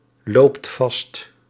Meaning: inflection of vastlopen: 1. second/third-person singular present indicative 2. plural imperative
- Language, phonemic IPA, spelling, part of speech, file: Dutch, /ˈlopt ˈvɑst/, loopt vast, verb, Nl-loopt vast.ogg